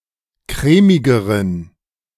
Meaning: inflection of crèmig: 1. strong genitive masculine/neuter singular comparative degree 2. weak/mixed genitive/dative all-gender singular comparative degree
- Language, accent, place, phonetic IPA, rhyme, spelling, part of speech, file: German, Germany, Berlin, [ˈkʁɛːmɪɡəʁən], -ɛːmɪɡəʁən, crèmigeren, adjective, De-crèmigeren.ogg